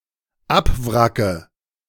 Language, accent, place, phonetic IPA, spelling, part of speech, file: German, Germany, Berlin, [ˈapˌvʁakə], abwracke, verb, De-abwracke.ogg
- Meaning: inflection of abwracken: 1. first-person singular dependent present 2. first/third-person singular dependent subjunctive I